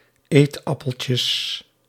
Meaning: plural of eetappeltje
- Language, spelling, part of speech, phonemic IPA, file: Dutch, eetappeltjes, noun, /ˈetɑpəlcəs/, Nl-eetappeltjes.ogg